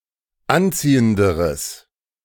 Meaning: strong/mixed nominative/accusative neuter singular comparative degree of anziehend
- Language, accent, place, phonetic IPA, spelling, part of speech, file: German, Germany, Berlin, [ˈanˌt͡siːəndəʁəs], anziehenderes, adjective, De-anziehenderes.ogg